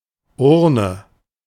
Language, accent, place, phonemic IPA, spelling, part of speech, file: German, Germany, Berlin, /ˈʔʊʁnə/, Urne, noun, De-Urne.ogg
- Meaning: 1. urn 2. ballot box